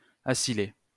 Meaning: to acylate
- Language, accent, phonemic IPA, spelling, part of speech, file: French, France, /a.si.le/, acyler, verb, LL-Q150 (fra)-acyler.wav